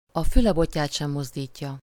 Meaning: to turn a deaf ear, not respond, ignore a request, give no answer
- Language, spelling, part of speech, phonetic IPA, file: Hungarian, a füle botját sem mozdítja, verb, [ɒ ˈfylɛ ˈbocːaːt ʃɛm ˈmozdiːcːɒ], Hu-a füle botját sem mozdítja.ogg